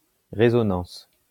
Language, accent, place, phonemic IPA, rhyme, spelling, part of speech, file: French, France, Lyon, /ʁe.zɔ.nɑ̃s/, -ɑ̃s, résonance, noun, LL-Q150 (fra)-résonance.wav
- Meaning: resonance